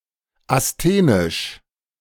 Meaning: asthenic
- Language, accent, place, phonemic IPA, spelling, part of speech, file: German, Germany, Berlin, /asˈteːnɪʃ/, asthenisch, adjective, De-asthenisch.ogg